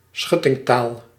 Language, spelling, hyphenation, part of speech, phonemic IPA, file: Dutch, schuttingtaal, schut‧ting‧taal, noun, /ˈsxʏ.tɪŋˌtaːl/, Nl-schuttingtaal.ogg
- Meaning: foul language, such as obscenities and abusive terms